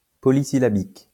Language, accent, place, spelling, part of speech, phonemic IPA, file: French, France, Lyon, polysyllabique, adjective, /pɔ.li.si.la.bik/, LL-Q150 (fra)-polysyllabique.wav
- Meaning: polysyllabic